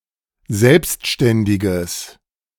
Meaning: strong/mixed nominative/accusative neuter singular of selbstständig
- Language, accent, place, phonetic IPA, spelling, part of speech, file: German, Germany, Berlin, [ˈzɛlpstʃtɛndɪɡəs], selbstständiges, adjective, De-selbstständiges.ogg